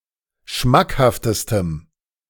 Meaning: strong dative masculine/neuter singular superlative degree of schmackhaft
- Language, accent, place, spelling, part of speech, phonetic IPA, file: German, Germany, Berlin, schmackhaftestem, adjective, [ˈʃmakhaftəstəm], De-schmackhaftestem.ogg